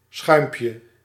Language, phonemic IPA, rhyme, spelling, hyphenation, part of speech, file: Dutch, /ˈsxœy̯m.pjə/, -œy̯mpjə, schuimpje, schuim‧pje, noun, Nl-schuimpje.ogg
- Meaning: diminutive of schuim